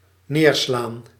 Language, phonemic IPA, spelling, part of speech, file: Dutch, /ˈneːr.slaːn/, neerslaan, verb, Nl-neerslaan.ogg
- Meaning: 1. to knock down 2. to fall down, precipitate (of rain, mist, etc.) 3. to precipitate 4. to condense 5. to choke, suppress